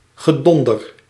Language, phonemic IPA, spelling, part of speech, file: Dutch, /ɣəˈdɔndər/, gedonder, noun, Nl-gedonder.ogg
- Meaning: 1. thundering 2. squabbling, bickering